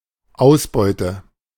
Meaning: 1. yield, gain(s) (of a hobby, occupation, etc) 2. yield (of the end product of a chemical reaction)
- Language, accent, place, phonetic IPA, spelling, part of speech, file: German, Germany, Berlin, [ˈaʊ̯sˌbɔɪ̯tə], Ausbeute, noun, De-Ausbeute.ogg